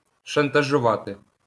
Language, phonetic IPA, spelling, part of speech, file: Ukrainian, [ʃɐntɐʒʊˈʋate], шантажувати, verb, LL-Q8798 (ukr)-шантажувати.wav
- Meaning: to blackmail